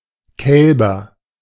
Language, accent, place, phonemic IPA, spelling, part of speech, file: German, Germany, Berlin, /ˈkɛlbɐ/, Kälber, noun, De-Kälber.ogg
- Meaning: 1. nominative plural of Kalb 2. accusative plural of Kalb 3. dative plural of Kalb